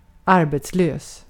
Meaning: unemployed (having no job)
- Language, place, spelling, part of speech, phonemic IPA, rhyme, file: Swedish, Gotland, arbetslös, adjective, /ˈarbeːtsˌløːs/, -øːs, Sv-arbetslös.ogg